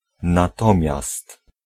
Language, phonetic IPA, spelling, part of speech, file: Polish, [naˈtɔ̃mʲjast], natomiast, conjunction, Pl-natomiast.ogg